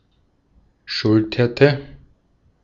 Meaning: inflection of schultern: 1. first/third-person singular preterite 2. first/third-person singular subjunctive II
- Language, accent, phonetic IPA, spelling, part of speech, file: German, Austria, [ˈʃʊltɐtə], schulterte, verb, De-at-schulterte.ogg